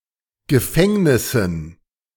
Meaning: dative plural of Gefängnis
- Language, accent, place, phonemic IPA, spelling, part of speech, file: German, Germany, Berlin, /ɡəˈfɛŋnɪsn̩/, Gefängnissen, noun, De-Gefängnissen.ogg